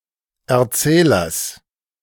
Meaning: genitive singular of Erzähler
- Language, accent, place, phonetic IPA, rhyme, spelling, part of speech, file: German, Germany, Berlin, [ɛɐ̯ˈt͡sɛːlɐs], -ɛːlɐs, Erzählers, noun, De-Erzählers.ogg